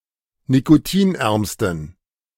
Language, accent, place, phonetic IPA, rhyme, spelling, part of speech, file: German, Germany, Berlin, [nikoˈtiːnˌʔɛʁmstn̩], -iːnʔɛʁmstn̩, nikotinärmsten, adjective, De-nikotinärmsten.ogg
- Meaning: superlative degree of nikotinarm